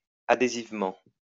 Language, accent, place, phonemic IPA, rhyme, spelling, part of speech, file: French, France, Lyon, /a.de.ziv.mɑ̃/, -ɑ̃, adhésivement, adverb, LL-Q150 (fra)-adhésivement.wav
- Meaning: adhesively